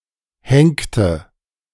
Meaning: inflection of henken: 1. first/third-person singular preterite 2. first/third-person singular subjunctive II
- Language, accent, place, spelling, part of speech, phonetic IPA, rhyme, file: German, Germany, Berlin, henkte, verb, [ˈhɛŋktə], -ɛŋktə, De-henkte.ogg